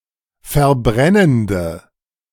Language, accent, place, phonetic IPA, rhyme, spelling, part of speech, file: German, Germany, Berlin, [fɛɐ̯ˈbʁɛnəndə], -ɛnəndə, verbrennende, adjective, De-verbrennende.ogg
- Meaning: inflection of verbrennend: 1. strong/mixed nominative/accusative feminine singular 2. strong nominative/accusative plural 3. weak nominative all-gender singular